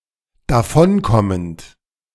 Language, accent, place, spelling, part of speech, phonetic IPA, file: German, Germany, Berlin, davonkommend, verb, [daˈfɔnˌkɔmənt], De-davonkommend.ogg
- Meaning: present participle of davonkommen